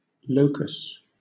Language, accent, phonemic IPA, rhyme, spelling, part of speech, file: English, Southern England, /ˈləʊkəs/, -əʊkəs, locus, noun, LL-Q1860 (eng)-locus.wav
- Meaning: 1. A place or locality, especially a centre of activity or the scene of a crime 2. The set of all points whose coordinates satisfy a given equation or condition